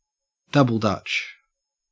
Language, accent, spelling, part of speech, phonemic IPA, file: English, Australia, double Dutch, noun, /dʌb.əl ˈdʌtʃ/, En-au-double Dutch.ogg
- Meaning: 1. Incomprehensible language or speech 2. A language game akin to pig Latin 3. A game of jump rope with two ropes and frequently two jumpers